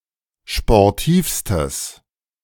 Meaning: strong/mixed nominative/accusative neuter singular superlative degree of sportiv
- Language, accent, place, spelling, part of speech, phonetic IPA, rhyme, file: German, Germany, Berlin, sportivstes, adjective, [ʃpɔʁˈtiːfstəs], -iːfstəs, De-sportivstes.ogg